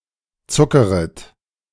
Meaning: second-person plural subjunctive I of zuckern
- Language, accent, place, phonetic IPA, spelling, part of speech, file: German, Germany, Berlin, [ˈt͡sʊkəʁət], zuckeret, verb, De-zuckeret.ogg